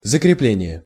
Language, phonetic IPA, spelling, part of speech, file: Russian, [zəkrʲɪˈplʲenʲɪje], закрепление, noun, Ru-закрепление.ogg
- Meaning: 1. fastening, attaching; strengthening; securing 2. fixing